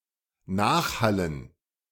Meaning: dative plural of Nachhall
- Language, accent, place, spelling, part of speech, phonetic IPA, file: German, Germany, Berlin, Nachhallen, noun, [ˈnaːxˌhalən], De-Nachhallen.ogg